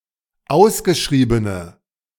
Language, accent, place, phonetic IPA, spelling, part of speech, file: German, Germany, Berlin, [ˈaʊ̯sɡəˌʃʁiːbənə], ausgeschriebene, adjective, De-ausgeschriebene.ogg
- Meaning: inflection of ausgeschrieben: 1. strong/mixed nominative/accusative feminine singular 2. strong nominative/accusative plural 3. weak nominative all-gender singular